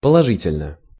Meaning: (adverb) positively (in various senses); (adjective) short neuter singular of положи́тельный (položítelʹnyj)
- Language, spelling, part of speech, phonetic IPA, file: Russian, положительно, adverb / adjective, [pəɫɐˈʐɨtʲɪlʲnə], Ru-положительно.ogg